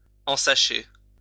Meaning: to bag (put into a bag or bags)
- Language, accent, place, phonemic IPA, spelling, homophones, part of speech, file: French, France, Lyon, /ɑ̃.sa.ʃe/, ensacher, ensachai / ensaché / ensachée / ensachées / ensachés / ensachez, verb, LL-Q150 (fra)-ensacher.wav